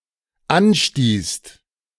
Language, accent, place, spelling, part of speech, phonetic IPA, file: German, Germany, Berlin, anstießt, verb, [ˈanˌʃtiːst], De-anstießt.ogg
- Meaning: second-person singular/plural dependent preterite of anstoßen